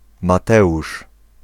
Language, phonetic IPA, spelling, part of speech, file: Polish, [maˈtɛʷuʃ], Mateusz, proper noun, Pl-Mateusz.ogg